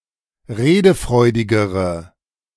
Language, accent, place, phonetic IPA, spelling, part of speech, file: German, Germany, Berlin, [ˈʁeːdəˌfʁɔɪ̯dɪɡəʁə], redefreudigere, adjective, De-redefreudigere.ogg
- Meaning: inflection of redefreudig: 1. strong/mixed nominative/accusative feminine singular comparative degree 2. strong nominative/accusative plural comparative degree